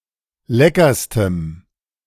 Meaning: strong dative masculine/neuter singular superlative degree of lecker
- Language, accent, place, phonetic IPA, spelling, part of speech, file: German, Germany, Berlin, [ˈlɛkɐstəm], leckerstem, adjective, De-leckerstem.ogg